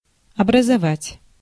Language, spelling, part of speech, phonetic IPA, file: Russian, образовать, verb, [ɐbrəzɐˈvatʲ], Ru-образовать.ogg
- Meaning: to form, to make, to make up, to produce